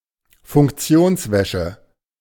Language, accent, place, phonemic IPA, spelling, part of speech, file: German, Germany, Berlin, /fʊŋkˈt͡si̯oːnsˌvɛʃə/, Funktionswäsche, noun, De-Funktionswäsche.ogg
- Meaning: functional clothing